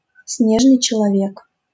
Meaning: abominable snowman, yeti, sasquatch
- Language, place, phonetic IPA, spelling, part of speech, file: Russian, Saint Petersburg, [ˈsnʲeʐnɨj t͡ɕɪɫɐˈvʲek], снежный человек, noun, LL-Q7737 (rus)-снежный человек.wav